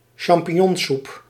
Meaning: mushroom soup made of button mushrooms
- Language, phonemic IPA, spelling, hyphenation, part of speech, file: Dutch, /ʃɑm.pi(n)ˈjɔnˌsup/, champignonsoep, cham‧pig‧non‧soep, noun, Nl-champignonsoep.ogg